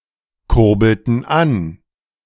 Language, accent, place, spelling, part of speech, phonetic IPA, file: German, Germany, Berlin, kurbelten an, verb, [ˌkʊʁbl̩tn̩ ˈan], De-kurbelten an.ogg
- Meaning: inflection of ankurbeln: 1. first/third-person plural preterite 2. first/third-person plural subjunctive II